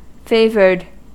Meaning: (adjective) 1. Treated or regarded with partiality 2. Having a certain appearance or physical features 3. Wearing a favour; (verb) simple past and past participle of favour
- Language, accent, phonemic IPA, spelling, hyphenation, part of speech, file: English, US, /ˈfeɪ.vɚd/, favoured, fa‧voured, adjective / verb, En-us-favoured.ogg